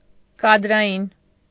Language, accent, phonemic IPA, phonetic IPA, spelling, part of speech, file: Armenian, Eastern Armenian, /kɑdɾɑˈjin/, [kɑdɾɑjín], կադրային, adjective, Hy-կադրային.ogg
- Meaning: of or pertaining to personnel, human resources